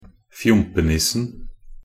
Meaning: definite singular of fjompenisse
- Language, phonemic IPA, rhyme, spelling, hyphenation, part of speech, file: Norwegian Bokmål, /ˈfjʊmpənɪsːn̩/, -ɪsːn̩, fjompenissen, fjom‧pe‧nis‧sen, noun, Nb-fjompenissen.ogg